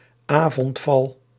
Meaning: nightfall, sundown
- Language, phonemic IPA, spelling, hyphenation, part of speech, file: Dutch, /ˈaː.vɔntˌfɑl/, avondval, avond‧val, noun, Nl-avondval.ogg